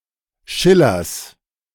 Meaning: dative singular of Schiller
- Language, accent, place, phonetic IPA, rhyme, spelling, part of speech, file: German, Germany, Berlin, [ˈʃɪlɐs], -ɪlɐs, Schillers, noun, De-Schillers.ogg